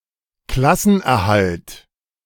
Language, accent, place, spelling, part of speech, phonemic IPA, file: German, Germany, Berlin, Klassenerhalt, noun, /ˈklasən.erˌhalt/, De-Klassenerhalt.ogg
- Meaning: avoidance of relegation, staying up (in the same league or class)